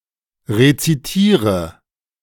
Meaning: inflection of rezitieren: 1. first-person singular present 2. first/third-person singular subjunctive I 3. singular imperative
- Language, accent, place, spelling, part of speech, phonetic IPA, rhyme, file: German, Germany, Berlin, rezitiere, verb, [ʁet͡siˈtiːʁə], -iːʁə, De-rezitiere.ogg